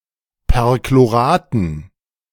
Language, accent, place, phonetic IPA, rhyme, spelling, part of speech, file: German, Germany, Berlin, [pɛʁkloˈʁaːtn̩], -aːtn̩, Perchloraten, noun, De-Perchloraten.ogg
- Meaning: dative plural of Perchlorat